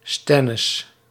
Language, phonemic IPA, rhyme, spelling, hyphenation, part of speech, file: Dutch, /ˈstɛ.nɪs/, -ɛnɪs, stennis, sten‧nis, noun, Nl-stennis.ogg
- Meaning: uproar, commotion